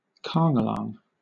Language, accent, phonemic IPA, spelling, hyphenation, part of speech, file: English, Southern England, /ˈkɑːŋɡəlɑːŋ/, kangalang, kang‧a‧lang, noun, LL-Q1860 (eng)-kangalang.wav
- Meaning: A ruffian; also, an unprincipled person